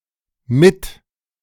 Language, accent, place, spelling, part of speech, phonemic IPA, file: German, Germany, Berlin, mit-, prefix, /mɪt/, De-mit-.ogg
- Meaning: 1. a prefix of nearly unlimited productivity, expressing that something is done together with others who do the same thing, sometimes equivalent to English co- or along 2. co-, fellow